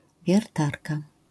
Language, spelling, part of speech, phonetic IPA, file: Polish, wiertarka, noun, [vʲjɛrˈtarka], LL-Q809 (pol)-wiertarka.wav